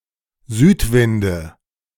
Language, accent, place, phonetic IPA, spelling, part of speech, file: German, Germany, Berlin, [ˈzyːtˌvɪndə], Südwinde, noun, De-Südwinde.ogg
- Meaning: nominative/accusative/genitive plural of Südwind